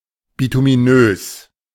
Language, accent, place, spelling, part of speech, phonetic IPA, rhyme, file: German, Germany, Berlin, bituminös, adjective, [bitumiˈnøːs], -øːs, De-bituminös.ogg
- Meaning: bituminous